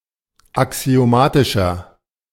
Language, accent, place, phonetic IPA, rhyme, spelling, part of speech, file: German, Germany, Berlin, [aksi̯oˈmaːtɪʃɐ], -aːtɪʃɐ, axiomatischer, adjective, De-axiomatischer.ogg
- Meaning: inflection of axiomatisch: 1. strong/mixed nominative masculine singular 2. strong genitive/dative feminine singular 3. strong genitive plural